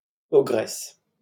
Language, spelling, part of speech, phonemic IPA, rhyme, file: French, ogresse, noun, /ɔ.ɡʁɛs/, -ɛs, LL-Q150 (fra)-ogresse.wav
- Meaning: ogress; female equivalent of ogre